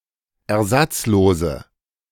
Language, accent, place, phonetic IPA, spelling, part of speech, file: German, Germany, Berlin, [ɛɐ̯ˈzat͡sˌloːzə], ersatzlose, adjective, De-ersatzlose.ogg
- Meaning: inflection of ersatzlos: 1. strong/mixed nominative/accusative feminine singular 2. strong nominative/accusative plural 3. weak nominative all-gender singular